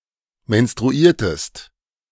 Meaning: inflection of menstruieren: 1. second-person singular preterite 2. second-person singular subjunctive II
- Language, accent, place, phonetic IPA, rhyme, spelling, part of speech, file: German, Germany, Berlin, [mɛnstʁuˈiːɐ̯təst], -iːɐ̯təst, menstruiertest, verb, De-menstruiertest.ogg